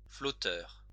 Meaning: 1. float (any of many floating devices) 2. coke float (scoop of cold dairy-like dessert floating in soft drink sodapop)
- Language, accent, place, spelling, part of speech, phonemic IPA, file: French, France, Lyon, flotteur, noun, /flɔ.tœʁ/, LL-Q150 (fra)-flotteur.wav